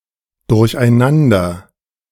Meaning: disordered, confused
- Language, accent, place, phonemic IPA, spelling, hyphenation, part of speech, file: German, Germany, Berlin, /dʊʁçʔaɪ̯ˈnandɐ/, durcheinander, durch‧ei‧nan‧der, adjective, De-durcheinander.ogg